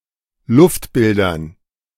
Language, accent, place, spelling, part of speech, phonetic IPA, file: German, Germany, Berlin, Luftbildern, noun, [ˈlʊftˌbɪldɐn], De-Luftbildern.ogg
- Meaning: dative plural of Luftbild